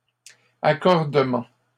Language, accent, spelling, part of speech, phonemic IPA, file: French, Canada, accordement, noun, /a.kɔʁ.də.mɑ̃/, LL-Q150 (fra)-accordement.wav
- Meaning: 1. granting 2. agreement 3. tuning